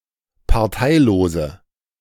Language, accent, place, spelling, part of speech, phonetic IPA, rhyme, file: German, Germany, Berlin, parteilose, adjective, [paʁˈtaɪ̯loːzə], -aɪ̯loːzə, De-parteilose.ogg
- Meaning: inflection of parteilos: 1. strong/mixed nominative/accusative feminine singular 2. strong nominative/accusative plural 3. weak nominative all-gender singular